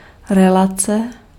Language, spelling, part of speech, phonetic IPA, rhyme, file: Czech, relace, noun, [ˈrɛlat͡sɛ], -atsɛ, Cs-relace.ogg
- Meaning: 1. relation 2. radio show